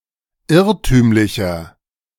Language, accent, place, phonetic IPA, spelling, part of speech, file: German, Germany, Berlin, [ˈɪʁtyːmlɪçɐ], irrtümlicher, adjective, De-irrtümlicher.ogg
- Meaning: 1. comparative degree of irrtümlich 2. inflection of irrtümlich: strong/mixed nominative masculine singular 3. inflection of irrtümlich: strong genitive/dative feminine singular